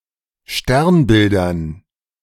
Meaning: dative plural of Sternbild
- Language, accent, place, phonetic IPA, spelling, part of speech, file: German, Germany, Berlin, [ˈʃtɛʁnˌbɪldɐn], Sternbildern, noun, De-Sternbildern.ogg